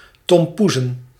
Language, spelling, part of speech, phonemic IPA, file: Dutch, tompoezen, noun, /tɔmˈpuzə(n)/, Nl-tompoezen.ogg
- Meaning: plural of tompoes